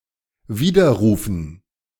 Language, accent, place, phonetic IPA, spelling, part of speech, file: German, Germany, Berlin, [ˈviːdɐˌʁuːfn̩], Widerrufen, noun, De-Widerrufen.ogg
- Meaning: 1. dative plural of Widerruf 2. gerund of widerrufen